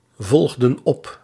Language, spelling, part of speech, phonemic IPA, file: Dutch, volgden op, verb, /ˈvɔlɣdə(n) ˈɔp/, Nl-volgden op.ogg
- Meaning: inflection of opvolgen: 1. plural past indicative 2. plural past subjunctive